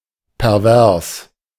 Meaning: 1. perverse, morally perverted 2. pervy, kinky, sexually perverted or deviant
- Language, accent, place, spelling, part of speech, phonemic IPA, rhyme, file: German, Germany, Berlin, pervers, adjective, /pɛʁˈvɛʁs/, -ɛʁs, De-pervers.ogg